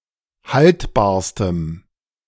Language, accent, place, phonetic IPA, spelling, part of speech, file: German, Germany, Berlin, [ˈhaltbaːɐ̯stəm], haltbarstem, adjective, De-haltbarstem.ogg
- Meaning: strong dative masculine/neuter singular superlative degree of haltbar